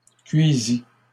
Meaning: third-person singular past historic of cuire
- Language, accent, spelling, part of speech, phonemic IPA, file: French, Canada, cuisit, verb, /kɥi.zi/, LL-Q150 (fra)-cuisit.wav